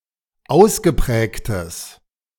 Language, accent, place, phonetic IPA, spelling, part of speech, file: German, Germany, Berlin, [ˈaʊ̯sɡəˌpʁɛːktəs], ausgeprägtes, adjective, De-ausgeprägtes.ogg
- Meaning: strong/mixed nominative/accusative neuter singular of ausgeprägt